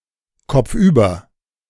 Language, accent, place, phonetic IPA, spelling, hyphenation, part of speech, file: German, Germany, Berlin, [kɔp͡fˈʔyːbɐ], kopfüber, kopf‧über, adverb, De-kopfüber.ogg
- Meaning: headfirst, headlong, head over heels